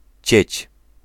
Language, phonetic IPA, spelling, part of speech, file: Polish, [t͡ɕɛ̇t͡ɕ], cieć, noun, Pl-cieć.ogg